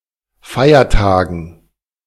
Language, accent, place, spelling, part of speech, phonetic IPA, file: German, Germany, Berlin, Feiertagen, noun, [ˈfaɪ̯ɐˌtaːɡn̩], De-Feiertagen.ogg
- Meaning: dative plural of Feiertag